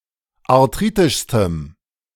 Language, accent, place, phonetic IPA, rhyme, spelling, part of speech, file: German, Germany, Berlin, [aʁˈtʁiːtɪʃstəm], -iːtɪʃstəm, arthritischstem, adjective, De-arthritischstem.ogg
- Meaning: strong dative masculine/neuter singular superlative degree of arthritisch